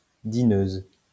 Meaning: female equivalent of dineur; post-1990 spelling of dîneuse
- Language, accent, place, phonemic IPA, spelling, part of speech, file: French, France, Lyon, /di.nøz/, dineuse, noun, LL-Q150 (fra)-dineuse.wav